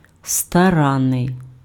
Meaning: diligent, assiduous, painstaking, careful, sedulous
- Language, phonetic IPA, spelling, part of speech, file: Ukrainian, [stɐˈranːei̯], старанний, adjective, Uk-старанний.ogg